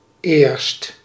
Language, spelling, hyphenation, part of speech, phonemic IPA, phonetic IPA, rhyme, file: Dutch, eerst, eerst, adverb, /eːrst/, [ɪːrst], -eːrst, Nl-eerst.ogg
- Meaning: 1. first, at first, before something else 2. at first, before, earlier 3. only, not until